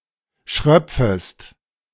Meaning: second-person singular subjunctive I of schröpfen
- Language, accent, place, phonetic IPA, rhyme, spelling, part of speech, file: German, Germany, Berlin, [ˈʃʁœp͡fəst], -œp͡fəst, schröpfest, verb, De-schröpfest.ogg